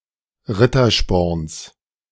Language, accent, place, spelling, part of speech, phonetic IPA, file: German, Germany, Berlin, Rittersporns, noun, [ˈʁɪtɐˌʃpɔʁns], De-Rittersporns.ogg
- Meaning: genitive singular of Rittersporn